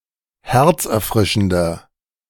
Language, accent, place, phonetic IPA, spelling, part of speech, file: German, Germany, Berlin, [ˈhɛʁt͡sʔɛɐ̯ˌfʁɪʃn̩dɐ], herzerfrischender, adjective, De-herzerfrischender.ogg
- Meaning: 1. comparative degree of herzerfrischend 2. inflection of herzerfrischend: strong/mixed nominative masculine singular 3. inflection of herzerfrischend: strong genitive/dative feminine singular